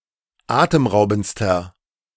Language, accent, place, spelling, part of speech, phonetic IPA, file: German, Germany, Berlin, atemraubendster, adjective, [ˈaːtəmˌʁaʊ̯bn̩t͡stɐ], De-atemraubendster.ogg
- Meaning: inflection of atemraubend: 1. strong/mixed nominative masculine singular superlative degree 2. strong genitive/dative feminine singular superlative degree 3. strong genitive plural superlative degree